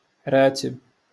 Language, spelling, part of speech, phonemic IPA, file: Moroccan Arabic, راتب, noun, /raː.tib/, LL-Q56426 (ary)-راتب.wav
- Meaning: salary, pay, wages